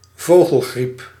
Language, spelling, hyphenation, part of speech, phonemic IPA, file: Dutch, vogelgriep, vo‧gel‧griep, noun, /ˈvoː.ɣəlˌɣrip/, Nl-vogelgriep.ogg
- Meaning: avian influenza, bird flu